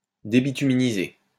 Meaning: to debituminize
- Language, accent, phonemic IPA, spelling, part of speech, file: French, France, /de.bi.ty.mi.ni.ze/, débituminiser, verb, LL-Q150 (fra)-débituminiser.wav